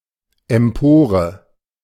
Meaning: 1. loft (gallery in a church) 2. gallery in a theatre, etc
- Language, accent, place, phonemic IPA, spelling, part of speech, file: German, Germany, Berlin, /ɛmˈpoːrə/, Empore, noun, De-Empore.ogg